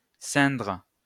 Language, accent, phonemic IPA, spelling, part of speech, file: French, France, /sɛ̃dʁ/, ceindre, verb, LL-Q150 (fra)-ceindre.wav
- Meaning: 1. to gird, put on (clothes, which fit around a part of the body) 2. to wrap round 3. to don (an item of ceremonious clothing)